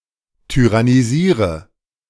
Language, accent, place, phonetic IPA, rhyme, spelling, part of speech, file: German, Germany, Berlin, [tyʁaniˈziːʁə], -iːʁə, tyrannisiere, verb, De-tyrannisiere.ogg
- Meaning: inflection of tyrannisieren: 1. first-person singular present 2. singular imperative 3. first/third-person singular subjunctive I